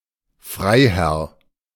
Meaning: baron
- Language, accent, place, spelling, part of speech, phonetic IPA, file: German, Germany, Berlin, Freiherr, noun, [ˈfʁaɪ̯ˌhɛʁ], De-Freiherr.ogg